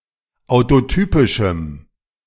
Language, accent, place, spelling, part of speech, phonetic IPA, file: German, Germany, Berlin, autotypischem, adjective, [aʊ̯toˈtyːpɪʃm̩], De-autotypischem.ogg
- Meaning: strong dative masculine/neuter singular of autotypisch